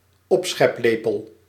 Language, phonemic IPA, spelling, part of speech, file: Dutch, /ˈɔpsxɛpˌleːpəl/, opscheplepel, noun, Nl-opscheplepel.ogg
- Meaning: serving spoon